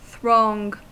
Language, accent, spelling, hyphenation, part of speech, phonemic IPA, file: English, US, throng, throng, noun / verb / adjective, /θɹɔŋ/, En-us-throng.ogg
- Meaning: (noun) 1. A group of people crowded or gathered closely together 2. A group of things; a host or swarm; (verb) 1. To crowd into a place, especially to fill it 2. To congregate